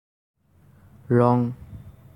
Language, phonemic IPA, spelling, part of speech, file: Assamese, /ɹɔŋ/, ৰং, noun, As-ৰং.ogg
- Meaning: colour